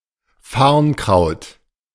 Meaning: fern
- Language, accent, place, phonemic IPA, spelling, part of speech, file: German, Germany, Berlin, /ˈfaʁnˌkʁaʊ̯t/, Farnkraut, noun, De-Farnkraut.ogg